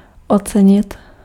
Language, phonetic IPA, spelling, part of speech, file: Czech, [ˈot͡sɛɲɪt], ocenit, verb, Cs-ocenit.ogg
- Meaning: 1. to value (to estimate the value of) 2. to price